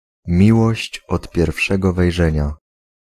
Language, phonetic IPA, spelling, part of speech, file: Polish, [ˈmʲiwɔɕt͡ɕ ˌɔt‿pʲjɛrfˈʃɛɡɔ vɛjˈʒɛ̃ɲa], miłość od pierwszego wejrzenia, noun, Pl-miłość od pierwszego wejrzenia.ogg